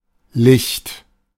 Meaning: 1. light (electromagnetic radiation in the visible spectrum) 2. light (a light source, often artificial) 3. light (a light source, often artificial): candle 4. eye of game, especially ground game
- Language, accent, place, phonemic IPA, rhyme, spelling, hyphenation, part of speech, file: German, Germany, Berlin, /lɪçt/, -ɪçt, Licht, Licht, noun, De-Licht.ogg